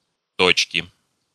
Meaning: inflection of то́чка (tóčka): 1. genitive singular 2. nominative/accusative plural
- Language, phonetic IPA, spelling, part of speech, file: Russian, [ˈtot͡ɕkʲɪ], точки, noun, Ru-точки.ogg